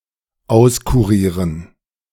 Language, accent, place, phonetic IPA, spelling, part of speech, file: German, Germany, Berlin, [ˈaʊ̯skuˌʁiːʁən], auskurieren, verb, De-auskurieren.ogg
- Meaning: to fully cure